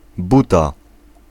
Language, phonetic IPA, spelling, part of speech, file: Polish, [ˈbuta], buta, noun, Pl-buta.ogg